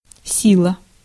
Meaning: 1. strength 2. force 3. power, might 4. vigor 5. intensity 6. efficacy 7. energy 8. volume
- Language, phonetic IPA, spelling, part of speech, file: Russian, [ˈsʲiɫə], сила, noun, Ru-сила.ogg